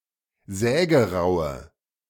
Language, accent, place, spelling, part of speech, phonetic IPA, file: German, Germany, Berlin, sägeraue, adjective, [ˈzɛːɡəˌʁaʊ̯ə], De-sägeraue.ogg
- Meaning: inflection of sägerau: 1. strong/mixed nominative/accusative feminine singular 2. strong nominative/accusative plural 3. weak nominative all-gender singular 4. weak accusative feminine/neuter singular